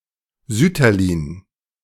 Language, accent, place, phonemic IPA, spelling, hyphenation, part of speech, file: German, Germany, Berlin, /ˈzʏtɐliːn/, Sütterlin, Süt‧ter‧lin, proper noun / noun, De-Sütterlin.ogg
- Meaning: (proper noun) a surname; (noun) clipping of Sütterlinschrift